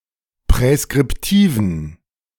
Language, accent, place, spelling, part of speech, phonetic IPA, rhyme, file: German, Germany, Berlin, präskriptiven, adjective, [pʁɛskʁɪpˈtiːvn̩], -iːvn̩, De-präskriptiven.ogg
- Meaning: inflection of präskriptiv: 1. strong genitive masculine/neuter singular 2. weak/mixed genitive/dative all-gender singular 3. strong/weak/mixed accusative masculine singular 4. strong dative plural